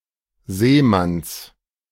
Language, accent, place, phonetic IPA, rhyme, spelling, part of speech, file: German, Germany, Berlin, [ˈzeːˌmans], -eːmans, Seemanns, noun, De-Seemanns.ogg
- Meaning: genitive of Seemann